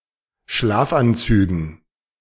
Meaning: dative plural of Schlafanzug
- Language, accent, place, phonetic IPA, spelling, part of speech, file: German, Germany, Berlin, [ˈʃlaːfʔanˌt͡syːɡn̩], Schlafanzügen, noun, De-Schlafanzügen.ogg